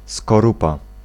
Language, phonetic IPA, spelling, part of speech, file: Polish, [skɔˈrupa], skorupa, noun, Pl-skorupa.ogg